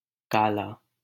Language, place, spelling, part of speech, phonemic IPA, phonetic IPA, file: Hindi, Delhi, काला, adjective / noun, /kɑː.lɑː/, [käː.läː], LL-Q1568 (hin)-काला.wav
- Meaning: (adjective) 1. black (color/colour) 2. dirty, grimy 3. black (having dark skin) 4. great, terrible, fearful; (noun) 1. color (color/colour) 2. Indian cobra 3. a sepoy